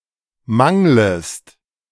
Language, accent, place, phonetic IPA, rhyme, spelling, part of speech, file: German, Germany, Berlin, [ˈmaŋləst], -aŋləst, manglest, verb, De-manglest.ogg
- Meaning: second-person singular subjunctive I of mangeln